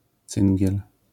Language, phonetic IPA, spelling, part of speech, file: Polish, [ˈt͡sɨ̃ŋʲɟɛl], cyngiel, noun, LL-Q809 (pol)-cyngiel.wav